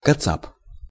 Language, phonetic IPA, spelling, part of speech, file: Russian, [kɐˈt͡sap], кацап, noun, Ru-кацап.ogg
- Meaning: katsap, a Russian person, Russian, Russki